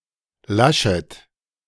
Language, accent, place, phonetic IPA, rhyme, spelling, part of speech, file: German, Germany, Berlin, [ˈlaʃət], -aʃət, Laschet, proper noun, De-Laschet.ogg
- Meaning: a surname